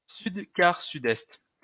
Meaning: south by east (compass point)
- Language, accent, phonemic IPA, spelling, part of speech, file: French, France, /syd.kaʁ.sy.dɛst/, sud-quart-sud-est, noun, LL-Q150 (fra)-sud-quart-sud-est.wav